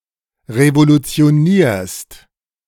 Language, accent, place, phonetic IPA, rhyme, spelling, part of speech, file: German, Germany, Berlin, [ʁevolut͡si̯oˈniːɐ̯st], -iːɐ̯st, revolutionierst, verb, De-revolutionierst.ogg
- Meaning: second-person singular present of revolutionieren